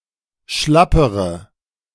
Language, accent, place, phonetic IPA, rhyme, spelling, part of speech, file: German, Germany, Berlin, [ˈʃlapəʁə], -apəʁə, schlappere, adjective, De-schlappere.ogg
- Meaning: inflection of schlapp: 1. strong/mixed nominative/accusative feminine singular comparative degree 2. strong nominative/accusative plural comparative degree